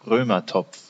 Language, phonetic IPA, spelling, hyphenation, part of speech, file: German, [ˈʁøːmɐˌtɔpf], Römertopf, Rö‧mer‧topf, noun, De-Römertopf.ogg
- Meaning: a Römertopf clay baking pot